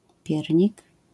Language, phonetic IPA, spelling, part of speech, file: Polish, [ˈpʲjɛrʲɲik], piernik, noun, LL-Q809 (pol)-piernik.wav